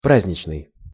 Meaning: 1. holiday 2. festive, festal (having the atmosphere, decoration, or attitude of a festival, holiday, or celebration)
- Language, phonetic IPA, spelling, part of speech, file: Russian, [ˈprazʲnʲɪt͡ɕnɨj], праздничный, adjective, Ru-праздничный.ogg